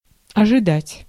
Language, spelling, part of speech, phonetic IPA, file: Russian, ожидать, verb, [ɐʐɨˈdatʲ], Ru-ожидать.ogg
- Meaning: to expect, to anticipate